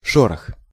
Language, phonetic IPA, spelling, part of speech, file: Russian, [ˈʂorəx], шорох, noun, Ru-шорох.ogg
- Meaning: 1. rustle (soft, crackling sound) 2. rough surface 3. thin broken ice; grease ice, pancake ice